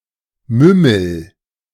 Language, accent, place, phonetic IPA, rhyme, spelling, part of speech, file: German, Germany, Berlin, [ˈmʏml̩], -ʏml̩, mümmel, verb, De-mümmel.ogg
- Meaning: inflection of mümmeln: 1. first-person singular present 2. singular imperative